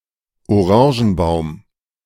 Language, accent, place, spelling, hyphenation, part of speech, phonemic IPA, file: German, Germany, Berlin, Orangenbaum, Oran‧gen‧baum, noun, /ʔoˈʁɑ̃ːʒn̩ˌbaʊ̯m/, De-Orangenbaum.ogg
- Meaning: orange tree